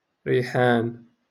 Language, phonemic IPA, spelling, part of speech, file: Moroccan Arabic, /riː.ħaːn/, ريحان, noun, LL-Q56426 (ary)-ريحان.wav
- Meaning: myrtle